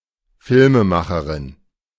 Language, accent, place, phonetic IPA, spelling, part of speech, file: German, Germany, Berlin, [ˈfɪlməˌmaxəʁɪn], Filmemacherin, noun, De-Filmemacherin.ogg
- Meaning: filmmaker (female)